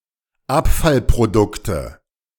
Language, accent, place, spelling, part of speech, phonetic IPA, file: German, Germany, Berlin, Abfallprodukte, noun, [ˈapfalpʁoˌdʊktə], De-Abfallprodukte.ogg
- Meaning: nominative/accusative/genitive plural of Abfallprodukt